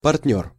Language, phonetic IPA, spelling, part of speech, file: Russian, [pɐrt⁽ʲ⁾ˈnʲɵr], партнёр, noun, Ru-партнёр.ogg
- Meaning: partner, associate